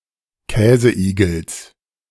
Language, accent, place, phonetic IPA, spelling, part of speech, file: German, Germany, Berlin, [ˈkɛːzəˌʔiːɡl̩s], Käseigels, noun, De-Käseigels.ogg
- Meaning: genitive singular of Käseigel